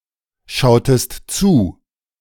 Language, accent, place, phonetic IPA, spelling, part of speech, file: German, Germany, Berlin, [ˌʃaʊ̯təst ˈt͡suː], schautest zu, verb, De-schautest zu.ogg
- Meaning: inflection of zuschauen: 1. second-person singular preterite 2. second-person singular subjunctive II